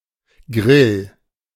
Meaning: grill
- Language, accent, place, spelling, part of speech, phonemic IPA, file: German, Germany, Berlin, Grill, noun, /ɡʁɪl/, De-Grill.ogg